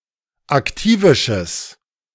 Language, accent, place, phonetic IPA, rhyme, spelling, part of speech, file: German, Germany, Berlin, [akˈtiːvɪʃəs], -iːvɪʃəs, aktivisches, adjective, De-aktivisches.ogg
- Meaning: strong/mixed nominative/accusative neuter singular of aktivisch